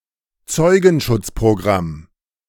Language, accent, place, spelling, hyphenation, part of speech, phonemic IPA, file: German, Germany, Berlin, Zeugenschutzprogramm, Zeu‧gen‧schutz‧pro‧gramm, noun, /ˈt͡sɔɪ̯ɡn̩ˌʃʊt͡spʁoˌɡʁam/, De-Zeugenschutzprogramm.ogg
- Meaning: witness protection program